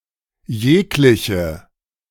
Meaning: strong/mixed nominative/accusative feminine singular of jeglicher
- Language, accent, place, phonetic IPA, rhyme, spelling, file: German, Germany, Berlin, [ˈjeːklɪçə], -eːklɪçə, jegliche, De-jegliche.ogg